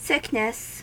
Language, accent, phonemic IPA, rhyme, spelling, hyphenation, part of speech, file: English, US, /ˈsɪknɪs/, -ɪknɪs, sickness, sick‧ness, noun, En-us-sickness.ogg
- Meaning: 1. The quality or state of being sick or diseased; illness; an illness 2. Nausea; qualmishness; as, sickness of stomach